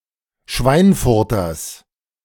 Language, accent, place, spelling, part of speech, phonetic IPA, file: German, Germany, Berlin, Schweinfurters, noun, [ˈʃvaɪ̯nˌfʊʁtɐs], De-Schweinfurters.ogg
- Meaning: genitive singular of Schweinfurter